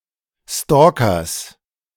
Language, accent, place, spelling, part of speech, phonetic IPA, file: German, Germany, Berlin, Stalkers, noun, [ˈstɔːkɐs], De-Stalkers.ogg
- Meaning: genitive singular of Stalker